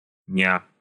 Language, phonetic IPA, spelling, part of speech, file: Russian, [nʲa], ня, interjection, Ru-ня.ogg
- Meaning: commonly used by Russian-speaking anime communities. Often used as a synonym of "hello" or "how cute"